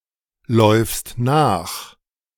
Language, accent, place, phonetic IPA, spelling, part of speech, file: German, Germany, Berlin, [ˌlɔɪ̯fst ˈnaːx], läufst nach, verb, De-läufst nach.ogg
- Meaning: second-person singular present of nachlaufen